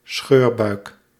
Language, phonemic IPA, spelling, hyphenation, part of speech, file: Dutch, /ˈsxøːr.bœy̯k/, scheurbuik, scheur‧buik, noun, Nl-scheurbuik.ogg
- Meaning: scurvy